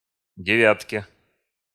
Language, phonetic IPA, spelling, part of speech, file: Russian, [dʲɪˈvʲatkʲe], девятке, noun, Ru-девятке.ogg
- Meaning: dative/prepositional singular of девя́тка (devjátka)